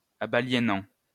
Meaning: present participle of abaliéner
- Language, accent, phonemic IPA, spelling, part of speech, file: French, France, /a.ba.lje.nɑ̃/, abaliénant, verb, LL-Q150 (fra)-abaliénant.wav